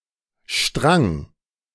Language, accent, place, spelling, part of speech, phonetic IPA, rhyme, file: German, Germany, Berlin, Strang, noun, [ʃtʁaŋ], -aŋ, De-Strang.ogg
- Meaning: 1. thread 2. cord